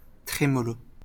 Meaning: tremolo
- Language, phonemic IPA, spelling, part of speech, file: French, /tʁe.mɔ.lo/, trémolo, noun, LL-Q150 (fra)-trémolo.wav